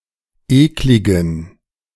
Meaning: inflection of eklig: 1. strong genitive masculine/neuter singular 2. weak/mixed genitive/dative all-gender singular 3. strong/weak/mixed accusative masculine singular 4. strong dative plural
- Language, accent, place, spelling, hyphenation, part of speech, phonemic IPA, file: German, Germany, Berlin, ekligen, ek‧li‧gen, adjective, /ˈeːklɪɡn̩/, De-ekligen.ogg